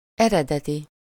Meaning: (adjective) 1. original, initial 2. genuine, authentic 3. creative, original; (noun) original (an object or other creation from which all later copies and variations are derived)
- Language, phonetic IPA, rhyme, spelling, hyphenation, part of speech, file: Hungarian, [ˈɛrɛdɛti], -ti, eredeti, ere‧de‧ti, adjective / noun, Hu-eredeti.ogg